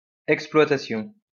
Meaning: 1. exploitation 2. operation
- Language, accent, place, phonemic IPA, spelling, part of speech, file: French, France, Lyon, /ɛk.splwa.ta.sjɔ̃/, exploitation, noun, LL-Q150 (fra)-exploitation.wav